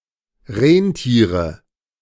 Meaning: nominative/accusative/genitive plural of Rentier
- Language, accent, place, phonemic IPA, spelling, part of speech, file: German, Germany, Berlin, /ˈʁeːnˌtiːʁə/, Rentiere, noun, De-Rentiere.ogg